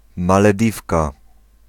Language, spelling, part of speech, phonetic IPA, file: Polish, Malediwka, noun, [ˌmalɛˈdʲifka], Pl-Malediwka.ogg